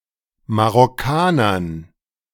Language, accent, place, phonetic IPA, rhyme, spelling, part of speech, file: German, Germany, Berlin, [maʁɔˈkaːnɐn], -aːnɐn, Marokkanern, noun, De-Marokkanern.ogg
- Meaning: dative plural of Marokkaner